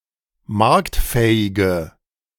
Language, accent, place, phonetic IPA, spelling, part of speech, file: German, Germany, Berlin, [ˈmaʁktˌfɛːɪɡə], marktfähige, adjective, De-marktfähige.ogg
- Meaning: inflection of marktfähig: 1. strong/mixed nominative/accusative feminine singular 2. strong nominative/accusative plural 3. weak nominative all-gender singular